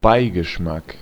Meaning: 1. aftertaste 2. undertone
- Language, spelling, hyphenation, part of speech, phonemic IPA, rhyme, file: German, Beigeschmack, Bei‧ge‧schmack, noun, /ˈbaɪ̯ɡəˌʃmak/, -ak, De-Beigeschmack.ogg